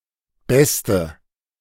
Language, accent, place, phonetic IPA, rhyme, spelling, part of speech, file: German, Germany, Berlin, [ˈbɛstə], -ɛstə, beste, adjective, De-beste.ogg
- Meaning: inflection of gut: 1. strong/mixed nominative/accusative feminine singular superlative degree 2. strong nominative/accusative plural superlative degree